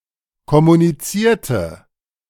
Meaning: inflection of kommunizieren: 1. first/third-person singular preterite 2. first/third-person singular subjunctive II
- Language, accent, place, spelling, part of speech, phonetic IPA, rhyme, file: German, Germany, Berlin, kommunizierte, adjective / verb, [kɔmuniˈt͡siːɐ̯tə], -iːɐ̯tə, De-kommunizierte.ogg